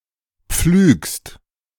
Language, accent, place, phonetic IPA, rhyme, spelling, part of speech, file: German, Germany, Berlin, [p͡flyːkst], -yːkst, pflügst, verb, De-pflügst.ogg
- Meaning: second-person singular present of pflügen